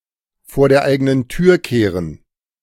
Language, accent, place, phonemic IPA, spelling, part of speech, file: German, Germany, Berlin, /foːɐ̯ deːɐ̯ ˈaɪ̯ɡənən tyːɐ̯ ˈkeːʁən/, vor der eigenen Tür kehren, verb, De-vor der eigenen Tür kehren.ogg
- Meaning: to be self-critical